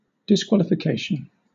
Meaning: 1. The act of disqualifying, or the state of being disqualified 2. That which disqualifies; that which causes someone to be unfit for a certain purpose or role
- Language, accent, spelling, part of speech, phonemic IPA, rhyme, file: English, Southern England, disqualification, noun, /dɪsˌkwɒlɪfɪˈkeɪʃən/, -eɪʃən, LL-Q1860 (eng)-disqualification.wav